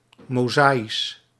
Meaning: Mosaic
- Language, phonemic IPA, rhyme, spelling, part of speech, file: Dutch, /moːˈzaː.is/, -aːis, mozaïsch, adjective, Nl-mozaïsch.ogg